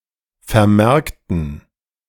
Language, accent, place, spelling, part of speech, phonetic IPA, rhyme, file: German, Germany, Berlin, vermerkten, adjective / verb, [fɛɐ̯ˈmɛʁktn̩], -ɛʁktn̩, De-vermerkten.ogg
- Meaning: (verb) inflection of vermerkt: 1. strong genitive masculine/neuter singular 2. weak/mixed genitive/dative all-gender singular 3. strong/weak/mixed accusative masculine singular 4. strong dative plural